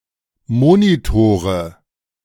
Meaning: nominative/accusative/genitive plural of Monitor
- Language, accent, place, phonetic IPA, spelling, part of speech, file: German, Germany, Berlin, [ˈmoːnitoːʁə], Monitore, noun, De-Monitore.ogg